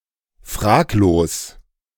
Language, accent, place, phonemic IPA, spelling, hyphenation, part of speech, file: German, Germany, Berlin, /ˈfʁaːkloːs/, fraglos, frag‧los, adjective, De-fraglos.ogg
- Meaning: unquestionable